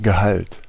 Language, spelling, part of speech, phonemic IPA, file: German, Gehalt, noun, /ɡəˈhalt/, De-Gehalt.ogg
- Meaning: 1. content, fraction (amount or percentage of some material in a mass) 2. content (that which is inside, contained) 3. salary 4. pension, annuity